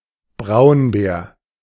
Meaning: brown bear (Ursus arctos)
- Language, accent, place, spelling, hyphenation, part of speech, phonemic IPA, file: German, Germany, Berlin, Braunbär, Braun‧bär, noun, /ˈbraʊ̯nˌbɛːr/, De-Braunbär.ogg